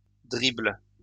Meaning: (noun) dribble; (verb) inflection of dribbler: 1. first/third-person singular present indicative/subjunctive 2. second-person singular imperative
- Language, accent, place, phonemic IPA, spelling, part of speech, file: French, France, Lyon, /dʁibl/, dribble, noun / verb, LL-Q150 (fra)-dribble.wav